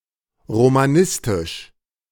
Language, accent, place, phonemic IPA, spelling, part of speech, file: German, Germany, Berlin, /ʁomaˈnɪstɪʃ/, romanistisch, adjective, De-romanistisch.ogg
- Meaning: of Romanistik (“Romance studies”)